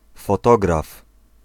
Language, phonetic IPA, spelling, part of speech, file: Polish, [fɔˈtɔɡraf], fotograf, noun, Pl-fotograf.ogg